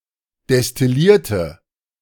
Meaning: inflection of destillieren: 1. first/third-person singular preterite 2. first/third-person singular subjunctive II
- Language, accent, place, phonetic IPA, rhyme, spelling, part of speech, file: German, Germany, Berlin, [dɛstɪˈliːɐ̯tə], -iːɐ̯tə, destillierte, adjective / verb, De-destillierte.ogg